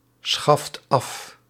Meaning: inflection of afschaffen: 1. second/third-person singular present indicative 2. plural imperative
- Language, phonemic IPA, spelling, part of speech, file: Dutch, /ˈsxɑft ˈɑf/, schaft af, verb, Nl-schaft af.ogg